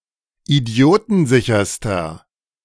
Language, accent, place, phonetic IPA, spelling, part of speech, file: German, Germany, Berlin, [iˈdi̯oːtn̩ˌzɪçɐstɐ], idiotensicherster, adjective, De-idiotensicherster.ogg
- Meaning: inflection of idiotensicher: 1. strong/mixed nominative masculine singular superlative degree 2. strong genitive/dative feminine singular superlative degree